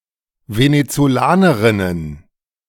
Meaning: plural of Venezolanerin
- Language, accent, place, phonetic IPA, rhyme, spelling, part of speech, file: German, Germany, Berlin, [venet͡soˈlaːnəʁɪnən], -aːnəʁɪnən, Venezolanerinnen, noun, De-Venezolanerinnen.ogg